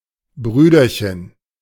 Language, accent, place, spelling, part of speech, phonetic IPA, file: German, Germany, Berlin, Brüderchen, noun, [ˈbʁyːdɐçən], De-Brüderchen.ogg
- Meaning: little brother